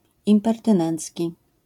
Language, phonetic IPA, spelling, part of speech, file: Polish, [ˌĩmpɛrtɨ̃ˈnɛ̃nt͡sʲci], impertynencki, adjective, LL-Q809 (pol)-impertynencki.wav